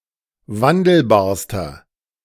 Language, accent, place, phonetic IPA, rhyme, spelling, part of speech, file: German, Germany, Berlin, [ˈvandl̩baːɐ̯stɐ], -andl̩baːɐ̯stɐ, wandelbarster, adjective, De-wandelbarster.ogg
- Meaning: inflection of wandelbar: 1. strong/mixed nominative masculine singular superlative degree 2. strong genitive/dative feminine singular superlative degree 3. strong genitive plural superlative degree